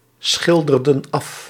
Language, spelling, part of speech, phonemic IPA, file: Dutch, schilderden af, verb, /ˈsxɪldərdə(n) ˈɑf/, Nl-schilderden af.ogg
- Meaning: inflection of afschilderen: 1. plural past indicative 2. plural past subjunctive